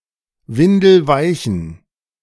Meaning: inflection of windelweich: 1. strong genitive masculine/neuter singular 2. weak/mixed genitive/dative all-gender singular 3. strong/weak/mixed accusative masculine singular 4. strong dative plural
- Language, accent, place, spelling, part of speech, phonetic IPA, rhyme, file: German, Germany, Berlin, windelweichen, adjective, [ˈvɪndl̩ˈvaɪ̯çn̩], -aɪ̯çn̩, De-windelweichen.ogg